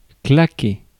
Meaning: 1. to clack (make a sharp sound) 2. to clap 3. to click, to snap 4. to crack 5. to flap 6. to chatter 7. to rattle 8. to click (to make a click sound with the mouth) 9. to slap (hit with the hand)
- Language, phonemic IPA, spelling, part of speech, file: French, /kla.ke/, claquer, verb, Fr-claquer.ogg